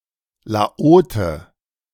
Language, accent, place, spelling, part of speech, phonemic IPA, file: German, Germany, Berlin, Laote, noun, /laˈoːtə/, De-Laote.ogg
- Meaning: Lao (male person)